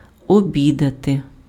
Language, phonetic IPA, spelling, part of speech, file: Ukrainian, [oˈbʲidɐte], обідати, verb, Uk-обідати.ogg
- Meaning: to have lunch, to lunch, to have dinner (eat a midday meal)